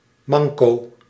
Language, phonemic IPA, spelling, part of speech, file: Dutch, /ˈmɑŋko/, manco, noun, Nl-manco.ogg
- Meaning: shortage, deficit